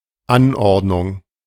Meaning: 1. arrangement, array 2. order 3. layout
- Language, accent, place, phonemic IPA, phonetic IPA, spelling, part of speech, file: German, Germany, Berlin, /ˈanˌɔʁdnʊŋ/, [ˈanˌʔɔʁdnʊŋ], Anordnung, noun, De-Anordnung.ogg